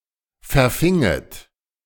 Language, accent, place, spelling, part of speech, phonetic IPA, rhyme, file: German, Germany, Berlin, verfinget, verb, [fɛɐ̯ˈfɪŋət], -ɪŋət, De-verfinget.ogg
- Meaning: second-person plural subjunctive II of verfangen